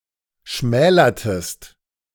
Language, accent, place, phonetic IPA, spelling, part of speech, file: German, Germany, Berlin, [ˈʃmɛːlɐtəst], schmälertest, verb, De-schmälertest.ogg
- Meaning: inflection of schmälern: 1. second-person singular preterite 2. second-person singular subjunctive II